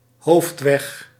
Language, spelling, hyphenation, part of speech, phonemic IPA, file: Dutch, hoofdweg, hoofd‧weg, noun, /ˈɦoːft.ʋɛx/, Nl-hoofdweg.ogg
- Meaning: main road